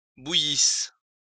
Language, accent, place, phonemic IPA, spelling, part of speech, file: French, France, Lyon, /bu.jis/, bouillisses, verb, LL-Q150 (fra)-bouillisses.wav
- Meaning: second-person singular imperfect subjunctive of bouillir